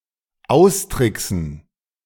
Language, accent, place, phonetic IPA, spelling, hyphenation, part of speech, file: German, Germany, Berlin, [ˈaʊ̯sˌtʁɪksn̩], austricksen, aus‧trick‧sen, verb, De-austricksen.ogg
- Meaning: 1. to trick (to gain an advantage) 2. to feint